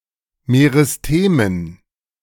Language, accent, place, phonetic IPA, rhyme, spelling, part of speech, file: German, Germany, Berlin, [meʁɪsˈteːmən], -eːmən, Meristemen, noun, De-Meristemen.ogg
- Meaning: dative plural of Meristem